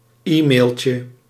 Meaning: diminutive of e-mail
- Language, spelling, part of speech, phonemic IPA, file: Dutch, e-mailtje, noun, /ˈimelcə/, Nl-e-mailtje.ogg